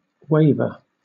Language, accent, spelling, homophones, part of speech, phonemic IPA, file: English, Southern England, waver, waiver, verb / noun, /ˈweɪvə/, LL-Q1860 (eng)-waver.wav
- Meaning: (verb) 1. To swing or wave, especially in the air, wind, etc.; to flutter 2. To move without purpose or a specified destination; to roam, to wander